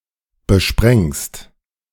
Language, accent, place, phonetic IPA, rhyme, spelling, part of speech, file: German, Germany, Berlin, [bəˈʃpʁɛŋst], -ɛŋst, besprengst, verb, De-besprengst.ogg
- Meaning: second-person singular present of besprengen